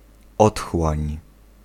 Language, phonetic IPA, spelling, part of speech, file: Polish, [ˈɔtxwãɲ], otchłań, noun, Pl-otchłań.ogg